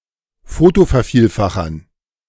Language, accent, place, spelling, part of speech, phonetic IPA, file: German, Germany, Berlin, Fotovervielfachern, noun, [ˈfoːtofɛɐ̯ˌfiːlfaxɐn], De-Fotovervielfachern.ogg
- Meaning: dative plural of Fotovervielfacher